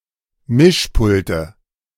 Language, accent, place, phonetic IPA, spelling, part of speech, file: German, Germany, Berlin, [ˈmɪʃˌpʊltə], Mischpulte, noun, De-Mischpulte.ogg
- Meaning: nominative/accusative/genitive plural of Mischpult